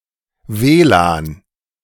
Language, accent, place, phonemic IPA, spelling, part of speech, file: German, Germany, Berlin, /ˈveːlaːn/, WLAN, noun, De-WLAN.ogg
- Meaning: WLAN